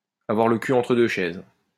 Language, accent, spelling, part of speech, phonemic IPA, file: French, France, avoir le cul entre deux chaises, verb, /a.vwaʁ lə ky ɑ̃.tʁə dø ʃɛz/, LL-Q150 (fra)-avoir le cul entre deux chaises.wav
- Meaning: to fall between two stools, to have a foot in both camps, to be piggy in the middle, to be caught in the middle, to be sitting on the fence